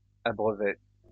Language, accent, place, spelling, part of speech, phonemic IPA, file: French, France, Lyon, abreuvaient, verb, /a.bʁœ.vɛ/, LL-Q150 (fra)-abreuvaient.wav
- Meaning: third-person plural imperfect indicative of abreuver